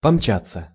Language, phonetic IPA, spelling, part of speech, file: Russian, [pɐmˈt͡ɕat͡sːə], помчаться, verb, Ru-помчаться.ogg
- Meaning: to scurry, to dash, to race, to tear along